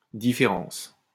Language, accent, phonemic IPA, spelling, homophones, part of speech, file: French, France, /di.fe.ʁɑ̃s/, différance, différence, noun, LL-Q150 (fra)-différance.wav
- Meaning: différance